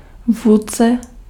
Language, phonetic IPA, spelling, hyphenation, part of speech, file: Czech, [ˈvuːt͡sɛ], vůdce, vůd‧ce, noun, Cs-vůdce.ogg
- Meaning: leader